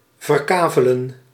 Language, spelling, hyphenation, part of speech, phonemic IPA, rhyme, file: Dutch, verkavelen, ver‧ka‧ve‧len, verb, /vərˈkaː.vəl.ən/, -aːvələn, Nl-verkavelen.ogg
- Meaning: to parcel out (land)